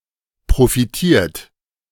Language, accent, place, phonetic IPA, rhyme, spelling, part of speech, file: German, Germany, Berlin, [pʁofiˈtiːɐ̯t], -iːɐ̯t, profitiert, verb, De-profitiert.ogg
- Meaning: 1. past participle of profitieren 2. inflection of profitieren: second-person plural present 3. inflection of profitieren: third-person singular present 4. inflection of profitieren: plural imperative